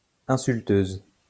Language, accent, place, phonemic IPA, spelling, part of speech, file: French, France, Lyon, /ɛ̃.syl.tøz/, insulteuse, noun, LL-Q150 (fra)-insulteuse.wav
- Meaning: female equivalent of insulteur